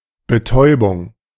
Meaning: 1. narcosis, anesthesia (local or general anesthesia), any state of numbness or reduced consciousness caused by outside influence 2. narcosis, anesthesia, the act of causing such a state
- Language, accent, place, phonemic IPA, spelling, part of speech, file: German, Germany, Berlin, /bəˈtɔɪ̯bʊŋ(k)/, Betäubung, noun, De-Betäubung.ogg